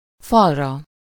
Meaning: sublative singular of fal
- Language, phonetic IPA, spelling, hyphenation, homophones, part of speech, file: Hungarian, [ˈfɒrːɒ], falra, fal‧ra, farra, noun, Hu-falra.ogg